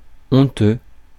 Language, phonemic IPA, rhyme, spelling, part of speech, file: French, /ɔ̃.tø/, -ø, honteux, adjective, Fr-honteux.ogg
- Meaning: 1. ashamed (feeling shame) 2. shameful, disgraceful (causing or meriting shame or disgrace)